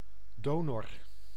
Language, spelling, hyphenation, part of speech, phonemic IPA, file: Dutch, donor, do‧nor, noun, /ˈdoː.nɔr/, Nl-donor.ogg
- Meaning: 1. a donor 2. an organ donor